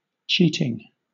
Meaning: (verb) present participle and gerund of cheat; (noun) An act of deception, fraud, trickery, imposture, imposition or infidelity
- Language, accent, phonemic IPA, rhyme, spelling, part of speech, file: English, Southern England, /ˈt͡ʃiːtɪŋ/, -iːtɪŋ, cheating, verb / noun / adjective, LL-Q1860 (eng)-cheating.wav